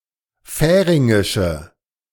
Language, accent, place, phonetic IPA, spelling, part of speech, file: German, Germany, Berlin, [ˈfɛːʁɪŋɪʃə], färingische, adjective, De-färingische.ogg
- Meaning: inflection of färingisch: 1. strong/mixed nominative/accusative feminine singular 2. strong nominative/accusative plural 3. weak nominative all-gender singular